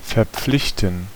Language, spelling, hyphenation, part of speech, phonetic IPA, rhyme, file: German, verpflichten, ver‧pflich‧ten, verb, [fɛɐ̯ˈpflɪçtn̩], -ɪçtn̩, De-verpflichten.ogg
- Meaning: 1. to oblige someone, make someone promise 2. to commit, to oblige 3. to oblige, to swear, to be sworn 4. to engage 5. to bind someone by contract, to oblige someone 6. to be an obligation